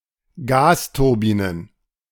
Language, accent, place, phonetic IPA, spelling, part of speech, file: German, Germany, Berlin, [ˈɡaːstʊʁˌbiːnən], Gasturbinen, noun, De-Gasturbinen.ogg
- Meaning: plural of Gasturbine